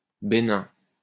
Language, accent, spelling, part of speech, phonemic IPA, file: French, France, bénin, adjective, /be.nɛ̃/, LL-Q150 (fra)-bénin.wav
- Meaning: benign